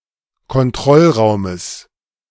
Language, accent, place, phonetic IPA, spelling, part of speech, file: German, Germany, Berlin, [kɔnˈtʁɔlˌʁaʊ̯məs], Kontrollraumes, noun, De-Kontrollraumes.ogg
- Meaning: genitive of Kontrollraum